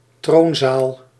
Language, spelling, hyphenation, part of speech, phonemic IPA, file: Dutch, troonzaal, troon‧zaal, noun, /ˈtroːn.zaːl/, Nl-troonzaal.ogg
- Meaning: throne room